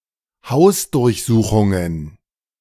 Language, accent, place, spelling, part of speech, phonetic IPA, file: German, Germany, Berlin, Hausdurchsuchungen, noun, [ˈhaʊ̯sdʊʁçˌzuːxʊŋən], De-Hausdurchsuchungen.ogg
- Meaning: plural of Hausdurchsuchung